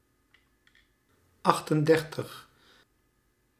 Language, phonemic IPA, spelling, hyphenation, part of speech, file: Dutch, /ˈɑx.tənˌdɛr.təx/, achtendertig, acht‧en‧der‧tig, numeral, Nl-achtendertig.ogg
- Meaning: thirty-eight